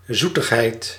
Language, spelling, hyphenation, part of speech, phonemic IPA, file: Dutch, zoetigheid, zoe‧tig‧heid, noun, /ˈzu.təxˌɦɛi̯t/, Nl-zoetigheid.ogg
- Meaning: 1. sweet foods and drinks, including sweets/candy; (countable) a sweet food or drink 2. sweetness, saccharine niceness 3. pleasantness